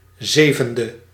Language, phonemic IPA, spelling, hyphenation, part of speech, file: Dutch, /ˈzeːvəndə/, zevende, ze‧ven‧de, adjective, Nl-zevende.ogg
- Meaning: seventh